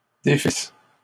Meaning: second-person singular imperfect subjunctive of défaire
- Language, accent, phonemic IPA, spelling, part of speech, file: French, Canada, /de.fis/, défisses, verb, LL-Q150 (fra)-défisses.wav